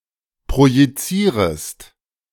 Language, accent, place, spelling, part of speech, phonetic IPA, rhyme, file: German, Germany, Berlin, projizierest, verb, [pʁojiˈt͡siːʁəst], -iːʁəst, De-projizierest.ogg
- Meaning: second-person singular subjunctive I of projizieren